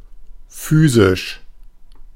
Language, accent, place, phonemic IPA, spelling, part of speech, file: German, Germany, Berlin, /ˈfyːzɪʃ/, physisch, adjective, De-physisch.ogg
- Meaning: 1. physical 2. material